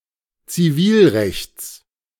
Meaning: genitive singular of Zivilrecht
- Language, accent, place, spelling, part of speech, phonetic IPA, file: German, Germany, Berlin, Zivilrechts, noun, [t͡siˈviːlˌʁɛçt͡s], De-Zivilrechts.ogg